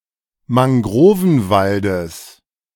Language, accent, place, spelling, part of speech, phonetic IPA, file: German, Germany, Berlin, Mangrovenwaldes, noun, [maŋˈɡʁoːvn̩ˌvaldəs], De-Mangrovenwaldes.ogg
- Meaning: genitive of Mangrovenwald